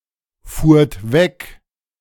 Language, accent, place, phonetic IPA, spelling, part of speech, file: German, Germany, Berlin, [ˌfuːɐ̯t ˈvɛk], fuhrt weg, verb, De-fuhrt weg.ogg
- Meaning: second-person plural preterite of wegfahren